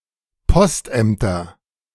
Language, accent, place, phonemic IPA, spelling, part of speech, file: German, Germany, Berlin, /ˈpɔstˌʔɛmtɐ/, Postämter, noun, De-Postämter.ogg
- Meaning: nominative/accusative/genitive plural of Postamt